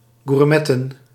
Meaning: to partake in gourmet, a kind of festive meal prepared at table in heated pots popular in the Low Countries
- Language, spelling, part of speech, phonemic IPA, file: Dutch, gourmetten, verb, /ɣuːrˈmɛtə(n)/, Nl-gourmetten.ogg